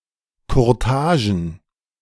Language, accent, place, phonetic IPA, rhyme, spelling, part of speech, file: German, Germany, Berlin, [kʊʁˈtaːʒn̩], -aːʒn̩, Kurtagen, noun, De-Kurtagen.ogg
- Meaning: plural of Kurtage